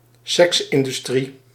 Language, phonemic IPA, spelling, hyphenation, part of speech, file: Dutch, /ˈsɛks.ɪn.dyˌstri/, seksindustrie, seks‧in‧dus‧trie, noun, Nl-seksindustrie.ogg
- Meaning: sex industry